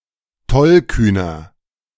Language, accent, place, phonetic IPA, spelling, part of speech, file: German, Germany, Berlin, [ˈtɔlˌkyːnɐ], tollkühner, adjective, De-tollkühner.ogg
- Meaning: 1. comparative degree of tollkühn 2. inflection of tollkühn: strong/mixed nominative masculine singular 3. inflection of tollkühn: strong genitive/dative feminine singular